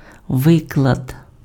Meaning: 1. statement 2. lesson
- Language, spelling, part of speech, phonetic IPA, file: Ukrainian, виклад, noun, [ˈʋɪkɫɐd], Uk-виклад.ogg